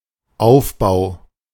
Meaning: 1. construction (the manner in which or process by which something is built) 2. buildup
- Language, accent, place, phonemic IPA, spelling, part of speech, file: German, Germany, Berlin, /ˈaʊ̯fˌbaʊ̯/, Aufbau, noun, De-Aufbau.ogg